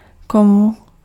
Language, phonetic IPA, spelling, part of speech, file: Czech, [ˈkomu], komu, pronoun, Cs-komu.ogg
- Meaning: dative singular of kdo